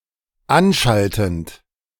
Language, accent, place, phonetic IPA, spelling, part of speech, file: German, Germany, Berlin, [ˈanˌʃaltn̩t], anschaltend, verb, De-anschaltend.ogg
- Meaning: present participle of anschalten